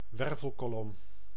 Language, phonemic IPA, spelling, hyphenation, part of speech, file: Dutch, /ˈʋɛr.vəl.koːˌlɔm/, wervelkolom, wer‧vel‧ko‧lom, noun, Nl-wervelkolom.ogg
- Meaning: vertebral column